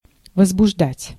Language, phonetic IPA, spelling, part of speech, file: Russian, [vəzbʊʐˈdatʲ], возбуждать, verb, Ru-возбуждать.ogg
- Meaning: 1. to excite 2. to arouse, to rouse, to provoke 3. to stimulate 4. to incite, to stir up, to instigate 5. to raise, to bring, to present